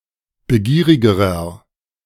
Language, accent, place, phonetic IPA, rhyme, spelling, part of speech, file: German, Germany, Berlin, [bəˈɡiːʁɪɡəʁɐ], -iːʁɪɡəʁɐ, begierigerer, adjective, De-begierigerer.ogg
- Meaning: inflection of begierig: 1. strong/mixed nominative masculine singular comparative degree 2. strong genitive/dative feminine singular comparative degree 3. strong genitive plural comparative degree